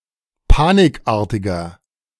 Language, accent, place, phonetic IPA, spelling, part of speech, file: German, Germany, Berlin, [ˈpaːnɪkˌʔaːɐ̯tɪɡɐ], panikartiger, adjective, De-panikartiger.ogg
- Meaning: 1. comparative degree of panikartig 2. inflection of panikartig: strong/mixed nominative masculine singular 3. inflection of panikartig: strong genitive/dative feminine singular